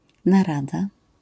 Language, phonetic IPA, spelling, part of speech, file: Polish, [naˈrada], narada, noun, LL-Q809 (pol)-narada.wav